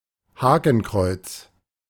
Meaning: swastika, fylfot
- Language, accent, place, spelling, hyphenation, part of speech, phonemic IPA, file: German, Germany, Berlin, Hakenkreuz, Hak‧en‧kreuz, noun, /ˈhaːkn̩ˌkʁɔɪts/, De-Hakenkreuz.ogg